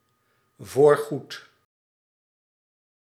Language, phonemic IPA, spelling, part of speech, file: Dutch, /vorˈɣut/, voorgoed, adverb, Nl-voorgoed.ogg
- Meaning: for good